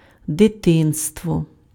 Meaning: childhood
- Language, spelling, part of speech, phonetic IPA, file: Ukrainian, дитинство, noun, [deˈtɪnstwɔ], Uk-дитинство.ogg